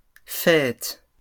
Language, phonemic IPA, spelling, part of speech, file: French, /fɛt/, fêtes, noun / verb, LL-Q150 (fra)-fêtes.wav
- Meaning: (noun) plural of fête; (verb) second-person singular present indicative/subjunctive of fêter